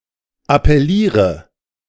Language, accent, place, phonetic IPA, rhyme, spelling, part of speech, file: German, Germany, Berlin, [apɛˈliːʁə], -iːʁə, appelliere, verb, De-appelliere.ogg
- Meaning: inflection of appellieren: 1. first-person singular present 2. first/third-person singular subjunctive I 3. singular imperative